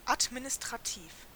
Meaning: administrative
- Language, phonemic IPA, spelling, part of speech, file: German, /atminɪstʁaˈtiːf/, administrativ, adjective, De-administrativ.oga